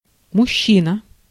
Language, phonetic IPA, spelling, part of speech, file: Russian, [mʊˈɕːinə], мужчина, noun, Ru-мужчина.ogg
- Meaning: man (male person)